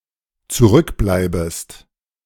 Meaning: second-person singular dependent subjunctive I of zurückbleiben
- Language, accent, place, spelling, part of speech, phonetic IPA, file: German, Germany, Berlin, zurückbleibest, verb, [t͡suˈʁʏkˌblaɪ̯bəst], De-zurückbleibest.ogg